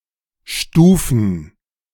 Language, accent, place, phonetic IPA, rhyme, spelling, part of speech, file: German, Germany, Berlin, [ˈʃtuːfn̩], -uːfn̩, stufen, verb, De-stufen.ogg
- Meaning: 1. to subdivide 2. to arrange in layers